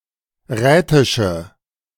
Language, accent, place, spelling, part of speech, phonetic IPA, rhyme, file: German, Germany, Berlin, rätische, adjective, [ˈʁɛːtɪʃə], -ɛːtɪʃə, De-rätische.ogg
- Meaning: inflection of rätisch: 1. strong/mixed nominative/accusative feminine singular 2. strong nominative/accusative plural 3. weak nominative all-gender singular 4. weak accusative feminine/neuter singular